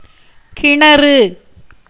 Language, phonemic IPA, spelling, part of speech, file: Tamil, /kɪɳɐrɯ/, கிணறு, noun, Ta-கிணறு.ogg
- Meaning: well (hole sunk into the ground as a source)